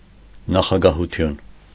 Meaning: 1. presidency 2. presidium
- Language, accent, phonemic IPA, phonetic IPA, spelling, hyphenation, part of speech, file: Armenian, Eastern Armenian, /nɑχɑɡɑhuˈtʰjun/, [nɑχɑɡɑhut͡sʰjún], նախագահություն, նա‧խա‧գա‧հու‧թյուն, noun, Hy-նախագահություն.ogg